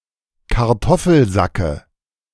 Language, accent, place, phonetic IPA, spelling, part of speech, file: German, Germany, Berlin, [kaʁˈtɔfl̩ˌzakə], Kartoffelsacke, noun, De-Kartoffelsacke.ogg
- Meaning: dative of Kartoffelsack